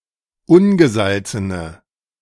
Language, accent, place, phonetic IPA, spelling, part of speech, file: German, Germany, Berlin, [ˈʊnɡəˌzalt͡sənə], ungesalzene, adjective, De-ungesalzene.ogg
- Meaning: inflection of ungesalzen: 1. strong/mixed nominative/accusative feminine singular 2. strong nominative/accusative plural 3. weak nominative all-gender singular